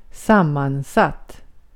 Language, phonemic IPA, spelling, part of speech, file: Swedish, /ˈsamanˌsat/, sammansatt, adjective, Sv-sammansatt.ogg
- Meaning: 1. compounded; put together of different pieces 2. compound